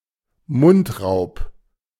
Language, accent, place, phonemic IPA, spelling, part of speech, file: German, Germany, Berlin, /ˈmʊntˌraʊ̯p/, Mundraub, noun, De-Mundraub.ogg